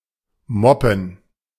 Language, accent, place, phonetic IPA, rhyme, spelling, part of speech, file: German, Germany, Berlin, [ˈmɔpn̩], -ɔpn̩, moppen, verb, De-moppen.ogg
- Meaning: to mop